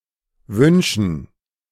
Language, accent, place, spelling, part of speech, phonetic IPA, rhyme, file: German, Germany, Berlin, Wünschen, noun, [ˈvʏnʃn̩], -ʏnʃn̩, De-Wünschen.ogg
- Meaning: 1. gerund of wünschen 2. dative plural of Wunsch